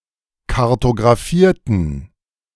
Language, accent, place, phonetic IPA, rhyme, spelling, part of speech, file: German, Germany, Berlin, [kaʁtoɡʁaˈfiːɐ̯tn̩], -iːɐ̯tn̩, kartographierten, adjective / verb, De-kartographierten.ogg
- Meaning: inflection of kartographieren: 1. first/third-person plural preterite 2. first/third-person plural subjunctive II